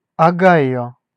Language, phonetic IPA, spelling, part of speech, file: Russian, [ɐˈɡajɵ], Огайо, proper noun, Ru-Огайо.ogg
- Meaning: Ohio (a state of the United States)